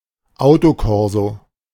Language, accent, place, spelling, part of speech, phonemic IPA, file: German, Germany, Berlin, Autokorso, noun, /ˈaʊ̯toˌkɔʁzo/, De-Autokorso.ogg
- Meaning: a public celebration with honking cars driving in a row; on any occasion, but commonest with weddings and football victories